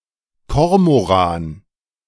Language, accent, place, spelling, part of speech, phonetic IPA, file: German, Germany, Berlin, Kormoran, noun, [ˈkɔʁmoˌʁaːn], De-Kormoran.ogg
- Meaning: 1. cormorant (seabird of the family Phalacrocoracidae) 2. In particular, the great cormorant (Phalacrocorax carbo)